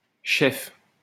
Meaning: female equivalent of chef
- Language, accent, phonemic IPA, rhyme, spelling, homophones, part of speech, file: French, France, /ʃɛf/, -ɛf, cheffe, chef / cheffes / chefs, noun, LL-Q150 (fra)-cheffe.wav